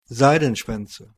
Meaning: nominative/accusative/genitive plural of Seidenschwanz
- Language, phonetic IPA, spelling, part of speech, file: German, [ˈzaɪ̯dn̩ˌʃvɛnt͡sə], Seidenschwänze, noun, DE-Seidenschwänze.OGG